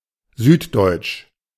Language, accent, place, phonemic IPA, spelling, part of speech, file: German, Germany, Berlin, /ˈzyːtˌdɔʏ̯tʃ/, süddeutsch, adjective, De-süddeutsch.ogg
- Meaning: South German; southern German (from or pertaining to southern Germany, i.e. Germany south of the river Main, or the states of Bayern and Baden-Württemberg)